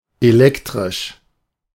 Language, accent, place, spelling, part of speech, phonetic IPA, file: German, Germany, Berlin, elektrisch, adjective, [eˈlɛktʁɪʃ], De-elektrisch.ogg
- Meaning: electric